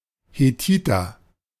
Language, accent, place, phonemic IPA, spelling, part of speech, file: German, Germany, Berlin, /heˈtiːtɐ/, Hethiter, noun, De-Hethiter.ogg
- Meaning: Hittite (a man from the Hittite people)